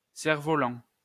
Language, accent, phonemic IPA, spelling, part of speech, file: French, France, /sɛʁ.vɔ.lɑ̃/, cerf-volant, noun, LL-Q150 (fra)-cerf-volant.wav
- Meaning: 1. stag beetle 2. kite (toy) 3. kite